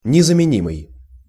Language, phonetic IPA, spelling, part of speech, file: Russian, [nʲɪzəmʲɪˈnʲimɨj], незаменимый, adjective, Ru-незаменимый.ogg
- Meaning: 1. irreplaceable 2. indispensable